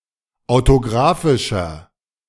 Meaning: inflection of autographisch: 1. strong/mixed nominative masculine singular 2. strong genitive/dative feminine singular 3. strong genitive plural
- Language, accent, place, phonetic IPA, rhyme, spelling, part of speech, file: German, Germany, Berlin, [aʊ̯toˈɡʁaːfɪʃɐ], -aːfɪʃɐ, autographischer, adjective, De-autographischer.ogg